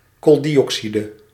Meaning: carbon dioxide
- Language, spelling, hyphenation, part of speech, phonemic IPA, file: Dutch, kooldioxide, kool‧di‧oxi‧de, noun, /koːldiɔksidə/, Nl-kooldioxide.ogg